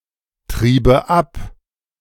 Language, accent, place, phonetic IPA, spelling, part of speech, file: German, Germany, Berlin, [ˌtʁiːbə ˈap], triebe ab, verb, De-triebe ab.ogg
- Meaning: first/third-person singular subjunctive II of abtreiben